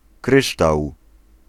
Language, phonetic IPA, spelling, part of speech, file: Polish, [ˈkrɨʃ.taw], kryształ, noun, Pl-kryształ.ogg